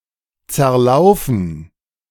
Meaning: 1. to lose form due to melting, to melt away 2. to ruin (shoes) by using them, to wear out
- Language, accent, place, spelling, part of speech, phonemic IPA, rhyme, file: German, Germany, Berlin, zerlaufen, verb, /t͡sɛɐ̯ˈlaʊ̯fən/, -aʊ̯fən, De-zerlaufen.ogg